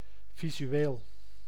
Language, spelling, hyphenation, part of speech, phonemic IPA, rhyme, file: Dutch, visueel, vi‧su‧eel, adjective, /vi.zyˈeːl/, -eːl, Nl-visueel.ogg
- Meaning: visual